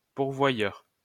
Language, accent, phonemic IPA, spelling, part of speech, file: French, France, /puʁ.vwa.jœʁ/, pourvoyeur, noun, LL-Q150 (fra)-pourvoyeur.wav
- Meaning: purveyor, supplier, source